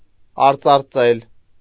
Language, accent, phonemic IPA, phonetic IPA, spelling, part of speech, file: Armenian, Eastern Armenian, /ɑɾt͡sɑɾˈt͡sel/, [ɑɾt͡sɑɾt͡sél], արծարծել, verb, Hy-արծարծել.ogg
- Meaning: 1. to kindle a fire 2. to kindle, arouse 3. to develop